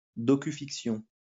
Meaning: docudrama (genre of television and film which features dramatized re-enactments of actual events)
- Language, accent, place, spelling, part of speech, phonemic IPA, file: French, France, Lyon, docufiction, noun, /dɔ.ky.fik.sjɔ̃/, LL-Q150 (fra)-docufiction.wav